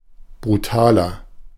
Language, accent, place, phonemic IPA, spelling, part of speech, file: German, Germany, Berlin, /bʁuˈtaːlɐ/, brutaler, adjective, De-brutaler.ogg
- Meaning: 1. comparative degree of brutal 2. inflection of brutal: strong/mixed nominative masculine singular 3. inflection of brutal: strong genitive/dative feminine singular